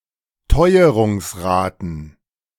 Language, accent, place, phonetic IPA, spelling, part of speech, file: German, Germany, Berlin, [ˈtɔɪ̯əʁʊŋsˌʁaːtn̩], Teuerungsraten, noun, De-Teuerungsraten.ogg
- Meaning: plural of Teuerungsrate